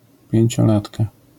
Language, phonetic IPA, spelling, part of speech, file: Polish, [ˌpʲjɛ̇̃ɲt͡ɕɔˈlatka], pięciolatka, noun, LL-Q809 (pol)-pięciolatka.wav